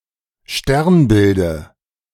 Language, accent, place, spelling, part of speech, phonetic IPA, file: German, Germany, Berlin, Sternbilde, noun, [ˈʃtɛʁnˌbɪldə], De-Sternbilde.ogg
- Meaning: dative of Sternbild